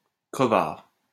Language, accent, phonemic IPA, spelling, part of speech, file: French, France, /kʁə.vaʁ/, crevard, noun, LL-Q150 (fra)-crevard.wav
- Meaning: 1. bastard, asshole 2. cheapskate 3. someone who would do anything to scrape a buck